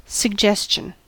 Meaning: 1. Something suggested (with subsequent adposition being for) 2. The act of suggesting 3. Something implied, which the mind is liable to take as fact
- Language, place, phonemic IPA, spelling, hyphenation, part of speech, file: English, California, /sə(ɡ)ˈd͡ʒɛs.t͡ʃən/, suggestion, sug‧ges‧tion, noun, En-us-suggestion.ogg